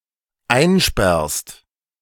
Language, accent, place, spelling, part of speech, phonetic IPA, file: German, Germany, Berlin, einsperrst, verb, [ˈaɪ̯nˌʃpɛʁst], De-einsperrst.ogg
- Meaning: second-person singular dependent present of einsperren